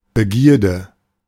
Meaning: desire, craving
- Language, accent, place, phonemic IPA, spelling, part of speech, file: German, Germany, Berlin, /bəˈɡiːɐ̯də/, Begierde, noun, De-Begierde.ogg